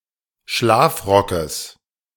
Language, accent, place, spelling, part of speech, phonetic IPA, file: German, Germany, Berlin, Schlafrockes, noun, [ˈʃlaːfˌʁɔkəs], De-Schlafrockes.ogg
- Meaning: genitive singular of Schlafrock